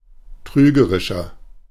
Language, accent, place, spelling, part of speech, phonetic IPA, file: German, Germany, Berlin, trügerischer, adjective, [ˈtʁyːɡəʁɪʃɐ], De-trügerischer.ogg
- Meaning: 1. comparative degree of trügerisch 2. inflection of trügerisch: strong/mixed nominative masculine singular 3. inflection of trügerisch: strong genitive/dative feminine singular